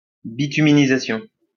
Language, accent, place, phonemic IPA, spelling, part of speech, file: French, France, Lyon, /bi.ty.mi.ni.za.sjɔ̃/, bituminisation, noun, LL-Q150 (fra)-bituminisation.wav
- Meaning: bituminization